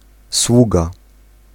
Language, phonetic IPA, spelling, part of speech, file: Polish, [ˈswuɡa], sługa, noun, Pl-sługa.ogg